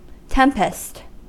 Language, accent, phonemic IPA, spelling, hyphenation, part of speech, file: English, US, /ˈtɛm.pəst/, tempest, tem‧pest, noun / verb, En-us-tempest.ogg
- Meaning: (noun) 1. A storm, especially one with severe winds 2. Any violent tumult or commotion 3. A fashionable social gathering; a drum; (verb) 1. To storm 2. To disturb, as by a tempest